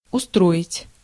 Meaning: 1. to arrange, to organize, to establish 2. to settle, to set up, to put in order 3. to suit, to satisfy
- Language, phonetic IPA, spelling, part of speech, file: Russian, [ʊˈstroɪtʲ], устроить, verb, Ru-устроить.ogg